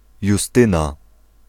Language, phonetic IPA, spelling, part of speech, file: Polish, [juˈstɨ̃na], Justyna, proper noun / noun, Pl-Justyna.ogg